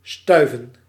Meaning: 1. to dash, move rapidly 2. to be dusty 3. to be blown by the wind
- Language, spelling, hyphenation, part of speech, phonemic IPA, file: Dutch, stuiven, stui‧ven, verb, /ˈstœy̯.və(n)/, Nl-stuiven.ogg